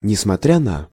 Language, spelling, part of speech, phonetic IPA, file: Russian, несмотря на, preposition, [nʲɪsmɐˈtrʲa nə], Ru-несмотря на.ogg
- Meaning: 1. in spite of, despite (the action must be completed in advance) 2. notwithstanding 3. although